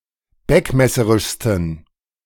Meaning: 1. superlative degree of beckmesserisch 2. inflection of beckmesserisch: strong genitive masculine/neuter singular superlative degree
- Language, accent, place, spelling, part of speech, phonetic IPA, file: German, Germany, Berlin, beckmesserischsten, adjective, [ˈbɛkmɛsəʁɪʃstn̩], De-beckmesserischsten.ogg